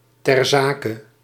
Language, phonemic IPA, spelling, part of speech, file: Dutch, /tɛr ˈzaː.kə/, ter zake, phrase, Nl-ter zake.ogg
- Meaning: to the point, on topic, pertinent, topical